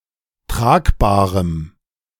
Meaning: strong dative masculine/neuter singular of tragbar
- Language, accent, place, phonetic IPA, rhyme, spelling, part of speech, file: German, Germany, Berlin, [ˈtʁaːkbaːʁəm], -aːkbaːʁəm, tragbarem, adjective, De-tragbarem.ogg